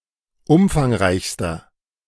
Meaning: inflection of umfangreich: 1. strong/mixed nominative masculine singular superlative degree 2. strong genitive/dative feminine singular superlative degree 3. strong genitive plural superlative degree
- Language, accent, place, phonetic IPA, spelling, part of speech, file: German, Germany, Berlin, [ˈʊmfaŋˌʁaɪ̯çstɐ], umfangreichster, adjective, De-umfangreichster.ogg